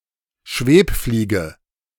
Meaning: hoverfly, flower fly
- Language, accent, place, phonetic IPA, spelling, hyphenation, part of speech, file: German, Germany, Berlin, [ˈʃveːpˌfliːɡə], Schwebfliege, Schweb‧flie‧ge, noun, De-Schwebfliege.ogg